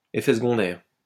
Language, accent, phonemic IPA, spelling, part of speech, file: French, France, /e.fɛ s(ə).ɡɔ̃.dɛʁ/, effet secondaire, noun, LL-Q150 (fra)-effet secondaire.wav
- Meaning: side effect